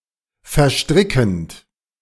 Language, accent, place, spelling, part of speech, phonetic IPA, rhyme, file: German, Germany, Berlin, verstrickend, verb, [fɛɐ̯ˈʃtʁɪkn̩t], -ɪkn̩t, De-verstrickend.ogg
- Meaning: present participle of verstricken